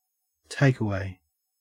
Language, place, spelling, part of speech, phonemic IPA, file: English, Queensland, takeaway, adjective / noun, /ˈtæɪkəwæɪ/, En-au-takeaway.ogg
- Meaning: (adjective) (Of food) intended to be eaten off the premises from which it was bought; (noun) A restaurant that sells food to be eaten elsewhere